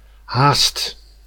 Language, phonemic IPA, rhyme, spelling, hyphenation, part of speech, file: Dutch, /ɦaːst/, -aːst, haast, haast, noun / adverb / verb, Nl-haast.ogg
- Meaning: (noun) hurry, haste; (adverb) almost, nearly; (verb) inflection of haasten: 1. first/second/third-person singular present indicative 2. imperative